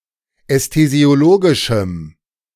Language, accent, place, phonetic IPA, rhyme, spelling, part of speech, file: German, Germany, Berlin, [ɛstezi̯oˈloːɡɪʃm̩], -oːɡɪʃm̩, ästhesiologischem, adjective, De-ästhesiologischem.ogg
- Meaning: strong dative masculine/neuter singular of ästhesiologisch